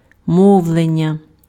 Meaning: 1. speech (communication between people) 2. speech (business or profession of radio and television)
- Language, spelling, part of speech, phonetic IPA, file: Ukrainian, мовлення, noun, [ˈmɔu̯ɫenʲːɐ], Uk-мовлення.ogg